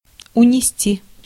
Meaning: 1. to take away, to take off, to carry (away) 2. to take (a life), to claim (a life)
- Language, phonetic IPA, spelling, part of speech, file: Russian, [ʊnʲɪˈsʲtʲi], унести, verb, Ru-унести.ogg